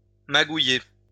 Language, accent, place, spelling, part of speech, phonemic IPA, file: French, France, Lyon, magouiller, verb, /ma.ɡu.je/, LL-Q150 (fra)-magouiller.wav
- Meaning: to wangle, to achieve by contrivance or trickery